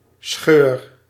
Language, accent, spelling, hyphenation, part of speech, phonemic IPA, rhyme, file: Dutch, Netherlands, scheur, scheur, noun / verb, /sxøːr/, -øːr, Nl-scheur.ogg
- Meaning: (noun) crack, fissure; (verb) inflection of scheuren: 1. first-person singular present indicative 2. second-person singular present indicative 3. imperative